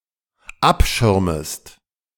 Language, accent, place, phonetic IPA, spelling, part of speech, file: German, Germany, Berlin, [ˈapˌʃɪʁməst], abschirmest, verb, De-abschirmest.ogg
- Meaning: second-person singular dependent subjunctive I of abschirmen